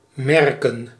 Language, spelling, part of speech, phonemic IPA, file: Dutch, merken, verb / noun, /ˈmɛrkə(n)/, Nl-merken.ogg
- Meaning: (verb) 1. to mark 2. to notice; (noun) plural of merk